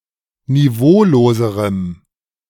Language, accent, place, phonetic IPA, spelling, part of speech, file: German, Germany, Berlin, [niˈvoːloːzəʁəm], niveauloserem, adjective, De-niveauloserem.ogg
- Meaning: strong dative masculine/neuter singular comparative degree of niveaulos